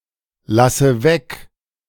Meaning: inflection of weglassen: 1. first-person singular present 2. first/third-person singular subjunctive I 3. singular imperative
- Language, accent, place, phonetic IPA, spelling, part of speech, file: German, Germany, Berlin, [ˌlasə ˈvɛk], lasse weg, verb, De-lasse weg.ogg